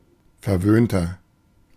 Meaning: 1. comparative degree of verwöhnt 2. inflection of verwöhnt: strong/mixed nominative masculine singular 3. inflection of verwöhnt: strong genitive/dative feminine singular
- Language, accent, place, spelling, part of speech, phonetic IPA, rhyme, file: German, Germany, Berlin, verwöhnter, adjective, [fɛɐ̯ˈvøːntɐ], -øːntɐ, De-verwöhnter.ogg